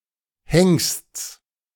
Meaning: genitive singular of Hengst
- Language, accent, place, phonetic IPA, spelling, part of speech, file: German, Germany, Berlin, [hɛŋst͡s], Hengsts, noun, De-Hengsts.ogg